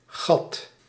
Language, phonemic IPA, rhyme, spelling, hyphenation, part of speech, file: Dutch, /ɣɑt/, -ɑt, gat, gat, noun, Nl-gat.ogg
- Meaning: 1. gap, hole 2. godforsaken place, hamlet 3. port 4. arsehole 5. the buttocks, butt, bum, rear-end, bottom of a person or animal